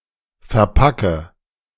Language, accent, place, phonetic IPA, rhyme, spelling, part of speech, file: German, Germany, Berlin, [fɛɐ̯ˈpakə], -akə, verpacke, verb, De-verpacke.ogg
- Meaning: inflection of verpacken: 1. first-person singular present 2. first/third-person singular subjunctive I 3. singular imperative